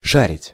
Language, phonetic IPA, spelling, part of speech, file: Russian, [ˈʂarʲɪtʲ], шарить, verb, Ru-шарить.ogg
- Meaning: 1. to fumble, to rummage 2. to know (well), to have knowledge 3. to share, especially digitally